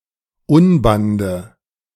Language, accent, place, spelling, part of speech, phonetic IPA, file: German, Germany, Berlin, Unbande, noun, [ˈʊnbandə], De-Unbande.ogg
- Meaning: nominative/accusative/genitive plural of Unband